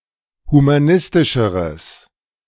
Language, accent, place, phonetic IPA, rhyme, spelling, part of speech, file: German, Germany, Berlin, [humaˈnɪstɪʃəʁəs], -ɪstɪʃəʁəs, humanistischeres, adjective, De-humanistischeres.ogg
- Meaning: strong/mixed nominative/accusative neuter singular comparative degree of humanistisch